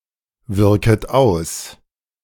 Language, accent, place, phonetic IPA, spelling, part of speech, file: German, Germany, Berlin, [ˌvɪʁkət ˈaʊ̯s], wirket aus, verb, De-wirket aus.ogg
- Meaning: second-person plural subjunctive I of auswirken